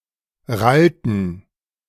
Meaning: inflection of rallen: 1. first/third-person plural preterite 2. first/third-person plural subjunctive II
- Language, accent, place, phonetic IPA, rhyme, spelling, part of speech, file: German, Germany, Berlin, [ˈʁaltn̩], -altn̩, rallten, verb, De-rallten.ogg